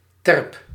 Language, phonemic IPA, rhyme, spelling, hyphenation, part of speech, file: Dutch, /tɛrp/, -ɛrp, terp, terp, noun, Nl-terp.ogg
- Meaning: artificial mound or hillock used as shelter during high tide